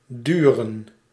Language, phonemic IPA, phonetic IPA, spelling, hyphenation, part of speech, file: Dutch, /ˈdyrə(n)/, [ˈdyːrə(n)], duren, du‧ren, verb / noun, Nl-duren.ogg
- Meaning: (verb) to take, last (a certain time); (noun) plural of duur